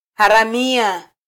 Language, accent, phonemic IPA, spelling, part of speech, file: Swahili, Kenya, /hɑ.ɾɑˈmi.ɑ/, haramia, noun, Sw-ke-haramia.flac
- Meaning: criminal, bandit, pirate